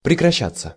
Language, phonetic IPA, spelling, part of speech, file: Russian, [prʲɪkrɐˈɕːat͡sːə], прекращаться, verb, Ru-прекращаться.ogg
- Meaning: 1. to end, to cease, to stop 2. passive of прекраща́ть (prekraščátʹ)